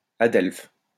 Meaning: sibling
- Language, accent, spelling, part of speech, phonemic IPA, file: French, France, adelphe, noun, /a.dɛlf/, LL-Q150 (fra)-adelphe.wav